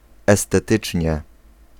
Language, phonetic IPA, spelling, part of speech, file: Polish, [ˌɛstɛˈtɨt͡ʃʲɲɛ], estetycznie, adverb, Pl-estetycznie.ogg